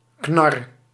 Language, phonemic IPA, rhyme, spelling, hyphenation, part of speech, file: Dutch, /knɑr/, -ɑr, knar, knar, noun, Nl-knar.ogg
- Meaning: 1. old geezer, oldtimer 2. bonce, head